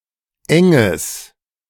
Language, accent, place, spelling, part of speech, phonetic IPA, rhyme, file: German, Germany, Berlin, enges, adjective, [ˈɛŋəs], -ɛŋəs, De-enges.ogg
- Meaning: strong/mixed nominative/accusative neuter singular of eng